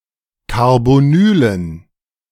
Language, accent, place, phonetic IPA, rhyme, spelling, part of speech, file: German, Germany, Berlin, [kaʁboˈnyːlən], -yːlən, Carbonylen, noun, De-Carbonylen.ogg
- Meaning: dative plural of Carbonyl